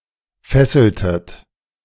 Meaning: inflection of fesseln: 1. second-person plural preterite 2. second-person plural subjunctive II
- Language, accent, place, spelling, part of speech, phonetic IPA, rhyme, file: German, Germany, Berlin, fesseltet, verb, [ˈfɛsl̩tət], -ɛsl̩tət, De-fesseltet.ogg